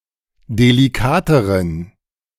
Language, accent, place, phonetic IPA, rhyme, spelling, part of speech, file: German, Germany, Berlin, [deliˈkaːtəʁən], -aːtəʁən, delikateren, adjective, De-delikateren.ogg
- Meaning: inflection of delikat: 1. strong genitive masculine/neuter singular comparative degree 2. weak/mixed genitive/dative all-gender singular comparative degree